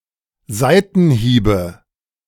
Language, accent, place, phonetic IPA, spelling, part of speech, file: German, Germany, Berlin, [ˈzaɪ̯tn̩ˌhiːbə], Seitenhiebe, noun, De-Seitenhiebe.ogg
- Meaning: nominative/accusative/genitive plural of Seitenhieb